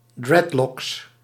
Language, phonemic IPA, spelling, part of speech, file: Dutch, /ˈdrɛtlɔks/, dreadlocks, noun, Nl-dreadlocks.ogg
- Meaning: plural of dreadlock